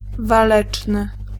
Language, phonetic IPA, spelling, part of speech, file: Polish, [vaˈlɛt͡ʃnɨ], waleczny, adjective, Pl-waleczny.ogg